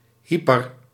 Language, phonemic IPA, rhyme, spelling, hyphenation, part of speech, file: Dutch, /ˈɦi.pər/, -ipər, hyper, hy‧per, adjective / noun, Nl-hyper.ogg
- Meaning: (adjective) hyperactive, particularly in a panicked or frenetic way; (noun) hyperglycaemia